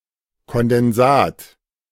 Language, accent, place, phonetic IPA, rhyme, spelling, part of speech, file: German, Germany, Berlin, [kɔndɛnˈzaːt], -aːt, Kondensat, noun, De-Kondensat.ogg
- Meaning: condensate